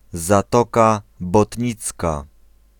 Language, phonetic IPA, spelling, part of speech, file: Polish, [zaˈtɔka bɔtʲˈɲit͡ska], Zatoka Botnicka, proper noun, Pl-Zatoka Botnicka.ogg